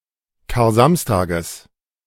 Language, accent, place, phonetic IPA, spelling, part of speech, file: German, Germany, Berlin, [kaːɐ̯ˈzamstaːɡəs], Karsamstages, noun, De-Karsamstages.ogg
- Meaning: genitive singular of Karsamstag